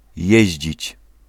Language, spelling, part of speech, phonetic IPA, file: Polish, jeździć, verb, [ˈjɛ̇ʑd͡ʑit͡ɕ], Pl-jeździć.ogg